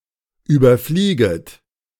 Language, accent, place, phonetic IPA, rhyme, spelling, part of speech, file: German, Germany, Berlin, [ˌyːbɐˈfliːɡət], -iːɡət, überflieget, verb, De-überflieget.ogg
- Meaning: second-person plural subjunctive I of überfliegen